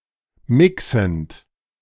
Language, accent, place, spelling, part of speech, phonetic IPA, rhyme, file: German, Germany, Berlin, mixend, verb, [ˈmɪksn̩t], -ɪksn̩t, De-mixend.ogg
- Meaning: present participle of mixen